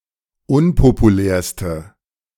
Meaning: inflection of unpopulär: 1. strong/mixed nominative/accusative feminine singular superlative degree 2. strong nominative/accusative plural superlative degree
- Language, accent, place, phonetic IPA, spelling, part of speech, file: German, Germany, Berlin, [ˈʊnpopuˌlɛːɐ̯stə], unpopulärste, adjective, De-unpopulärste.ogg